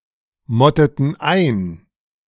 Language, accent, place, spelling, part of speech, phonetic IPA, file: German, Germany, Berlin, motteten ein, verb, [ˌmɔtətn̩ ˈaɪ̯n], De-motteten ein.ogg
- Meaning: inflection of einmotten: 1. first/third-person plural preterite 2. first/third-person plural subjunctive II